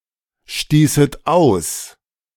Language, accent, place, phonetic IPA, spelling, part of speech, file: German, Germany, Berlin, [ˌʃtiːsət ˈaʊ̯s], stießet aus, verb, De-stießet aus.ogg
- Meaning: second-person plural subjunctive II of ausstoßen